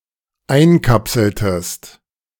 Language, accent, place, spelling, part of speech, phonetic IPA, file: German, Germany, Berlin, einkapseltest, verb, [ˈaɪ̯nˌkapsl̩təst], De-einkapseltest.ogg
- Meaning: inflection of einkapseln: 1. second-person singular dependent preterite 2. second-person singular dependent subjunctive II